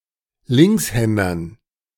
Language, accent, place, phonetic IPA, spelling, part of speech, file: German, Germany, Berlin, [ˈlɪŋksˌhɛndɐn], Linkshändern, noun, De-Linkshändern.ogg
- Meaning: dative plural of Linkshänder